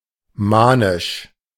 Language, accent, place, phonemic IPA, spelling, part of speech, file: German, Germany, Berlin, /ˈmaːnɪʃ/, manisch, adjective, De-manisch.ogg
- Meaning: manic